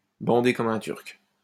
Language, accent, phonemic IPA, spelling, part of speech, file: French, France, /bɑ̃.de kɔ.m‿œ̃ tyʁk/, bander comme un Turc, verb, LL-Q150 (fra)-bander comme un Turc.wav
- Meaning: synonym of bander comme un taureau